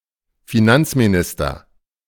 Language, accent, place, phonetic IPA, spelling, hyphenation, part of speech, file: German, Germany, Berlin, [fiˈnant͡smiˌnɪstɐ], Finanzminister, Fi‧nanz‧mi‧nis‧ter, noun, De-Finanzminister.ogg
- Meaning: finance minister